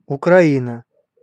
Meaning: Ukraine (a country in Eastern Europe, bordering on the north shore of the Black Sea)
- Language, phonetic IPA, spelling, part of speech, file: Russian, [ʊkrɐˈinə], Украина, proper noun, Ru-Украина.ogg